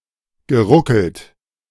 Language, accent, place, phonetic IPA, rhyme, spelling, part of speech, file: German, Germany, Berlin, [ɡəˈʁʊkl̩t], -ʊkl̩t, geruckelt, verb, De-geruckelt.ogg
- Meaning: past participle of ruckeln